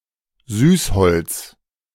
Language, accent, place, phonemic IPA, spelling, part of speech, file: German, Germany, Berlin, /ˈzyːsˌhɔlt͡s/, Süßholz, noun, De-Süßholz.ogg
- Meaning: liquorice (plant)